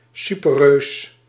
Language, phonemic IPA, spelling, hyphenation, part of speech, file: Dutch, /ˈsy.pərˌrøːs/, superreus, su‧per‧reus, noun, Nl-superreus.ogg
- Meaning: a supergiant (type of star)